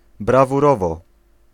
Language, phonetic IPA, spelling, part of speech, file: Polish, [ˌbravuˈrɔvɔ], brawurowo, adverb, Pl-brawurowo.ogg